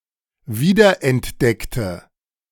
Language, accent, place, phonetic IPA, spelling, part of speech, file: German, Germany, Berlin, [ˈviːdɐʔɛntˌdɛktə], wiederentdeckte, adjective / verb, De-wiederentdeckte.ogg
- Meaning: inflection of wiederentdecken: 1. first/third-person singular preterite 2. first/third-person singular subjunctive II